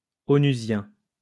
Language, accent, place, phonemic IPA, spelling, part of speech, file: French, France, Lyon, /ɔ.ny.zjɛ̃/, onusien, adjective, LL-Q150 (fra)-onusien.wav
- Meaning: UN